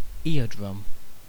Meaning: A thin membrane that separates the outer ear from the middle ear and transmits sound from the air to the malleus
- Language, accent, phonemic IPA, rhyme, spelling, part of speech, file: English, UK, /ˈɪəˌdɹʌm/, -ɪədɹʌm, eardrum, noun, En-uk-eardrum.ogg